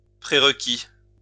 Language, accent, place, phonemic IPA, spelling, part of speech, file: French, France, Lyon, /pʁe.ʁ(ə).ki/, prérequis, noun, LL-Q150 (fra)-prérequis.wav
- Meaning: prerequisite